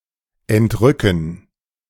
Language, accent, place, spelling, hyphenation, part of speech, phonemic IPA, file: German, Germany, Berlin, entrücken, ent‧rü‧cken, verb, /ɛntˈʁʏkən/, De-entrücken.ogg
- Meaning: 1. to translate, to rapture (physically) 2. to ravish, to enrapture, to enthrall (spiritually) 3. to transport, to carry away (mentally) 4. to escape [with dative ‘(from) someone/something’]